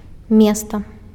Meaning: 1. city 2. place
- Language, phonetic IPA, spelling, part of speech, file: Belarusian, [ˈmʲesta], места, noun, Be-места.ogg